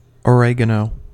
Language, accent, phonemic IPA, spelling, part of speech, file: English, US, /əˈɹɛɡənoʊ/, oregano, noun, En-us-oregano.ogg
- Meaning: 1. A herb of the mint family, Origanum vulgare, having aromatic leaves 2. Other herbs with a similar flavor, including other species in the genus Origanum, and Mexican oregano, Lippia graveolens